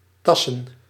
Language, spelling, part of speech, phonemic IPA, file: Dutch, tassen, verb / noun, /ˈtɑsə(n)/, Nl-tassen.ogg
- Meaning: plural of tas